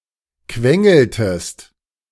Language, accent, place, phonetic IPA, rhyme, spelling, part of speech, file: German, Germany, Berlin, [ˈkvɛŋl̩təst], -ɛŋl̩təst, quengeltest, verb, De-quengeltest.ogg
- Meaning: inflection of quengeln: 1. second-person singular preterite 2. second-person singular subjunctive II